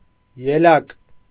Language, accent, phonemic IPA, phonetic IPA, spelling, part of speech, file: Armenian, Eastern Armenian, /jeˈlɑk/, [jelɑ́k], ելակ, noun, Hy-ելակ.ogg
- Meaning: strawberry (fruit and plant of the genus Fragaria)